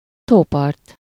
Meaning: lakeshore
- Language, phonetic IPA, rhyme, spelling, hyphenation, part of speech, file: Hungarian, [ˈtoːpɒrt], -ɒrt, tópart, tó‧part, noun, Hu-tópart.ogg